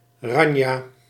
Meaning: 1. sweetened drink (sweet drink based on processed fruit juice, may be based on cordial, may or may not be carbonated) 2. orange-based sweetened drink
- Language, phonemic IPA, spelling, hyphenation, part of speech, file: Dutch, /ˈrɑn.jaː/, ranja, ran‧ja, noun, Nl-ranja.ogg